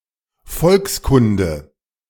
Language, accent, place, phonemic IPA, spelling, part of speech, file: German, Germany, Berlin, /ˈfɔlksˌkʊndə/, Volkskunde, noun, De-Volkskunde.ogg
- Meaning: folkloristics